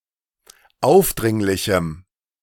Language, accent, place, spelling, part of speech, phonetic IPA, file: German, Germany, Berlin, aufdringlichem, adjective, [ˈaʊ̯fˌdʁɪŋlɪçm̩], De-aufdringlichem.ogg
- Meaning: strong dative masculine/neuter singular of aufdringlich